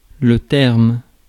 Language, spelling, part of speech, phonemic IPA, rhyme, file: French, terme, noun, /tɛʁm/, -ɛʁm, Fr-terme.ogg
- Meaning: 1. terms (conditions) 2. conclusion, end (of a period of time, distance, or journey) 3. term (word, expression) 4. deadline, due date (rent, pregnancy, contract) 5. rent